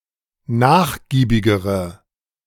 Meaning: inflection of nachgiebig: 1. strong/mixed nominative/accusative feminine singular comparative degree 2. strong nominative/accusative plural comparative degree
- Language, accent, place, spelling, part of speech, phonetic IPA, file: German, Germany, Berlin, nachgiebigere, adjective, [ˈnaːxˌɡiːbɪɡəʁə], De-nachgiebigere.ogg